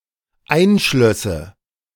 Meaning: first/third-person singular dependent subjunctive II of einschließen
- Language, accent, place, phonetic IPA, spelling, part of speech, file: German, Germany, Berlin, [ˈaɪ̯nˌʃlœsə], einschlösse, verb, De-einschlösse.ogg